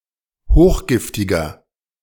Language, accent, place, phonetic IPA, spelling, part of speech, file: German, Germany, Berlin, [ˈhoːxˌɡɪftɪɡɐ], hochgiftiger, adjective, De-hochgiftiger.ogg
- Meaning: inflection of hochgiftig: 1. strong/mixed nominative masculine singular 2. strong genitive/dative feminine singular 3. strong genitive plural